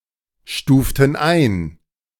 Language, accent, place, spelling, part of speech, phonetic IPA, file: German, Germany, Berlin, stuften ein, verb, [ˌʃtuːftn̩ ˈaɪ̯n], De-stuften ein.ogg
- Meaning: inflection of einstufen: 1. first/third-person plural preterite 2. first/third-person plural subjunctive II